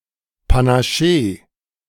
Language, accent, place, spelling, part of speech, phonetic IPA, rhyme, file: German, Germany, Berlin, Panaschee, noun, [panaˈʃeː], -eː, De-Panaschee.ogg
- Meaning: alternative spelling of Panaché